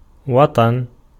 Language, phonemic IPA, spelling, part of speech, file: Arabic, /wa.tˤan/, وطن, noun, Ar-وطن.ogg
- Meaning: 1. birthplace 2. nation, home, homeland, country, fatherland